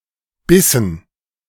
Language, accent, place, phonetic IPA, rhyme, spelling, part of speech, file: German, Germany, Berlin, [ˈbɪsn̩], -ɪsn̩, bissen, verb, De-bissen.ogg
- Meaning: inflection of beißen: 1. first/third-person plural preterite 2. first/third-person plural subjunctive II